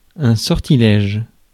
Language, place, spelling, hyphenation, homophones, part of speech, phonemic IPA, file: French, Paris, sortilège, sor‧ti‧lège, sortilèges, noun, /sɔʁ.ti.lɛʒ/, Fr-sortilège.ogg
- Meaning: magic spell, sorcery, witchcraft